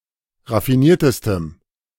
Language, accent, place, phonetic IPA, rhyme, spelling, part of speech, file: German, Germany, Berlin, [ʁafiˈniːɐ̯təstəm], -iːɐ̯təstəm, raffiniertestem, adjective, De-raffiniertestem.ogg
- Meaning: strong dative masculine/neuter singular superlative degree of raffiniert